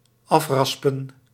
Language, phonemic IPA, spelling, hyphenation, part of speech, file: Dutch, /ˈɑfˌrɑs.pə(n)/, afraspen, af‧ras‧pen, verb, Nl-afraspen.ogg
- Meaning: to grate off